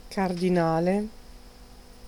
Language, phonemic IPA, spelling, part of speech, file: Italian, /kardiˈnale/, cardinale, adjective / noun, It-cardinale.ogg